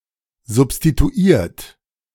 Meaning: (verb) past participle of substituieren; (adjective) substituted
- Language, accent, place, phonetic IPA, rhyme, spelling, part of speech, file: German, Germany, Berlin, [zʊpstituˈiːɐ̯t], -iːɐ̯t, substituiert, verb, De-substituiert.ogg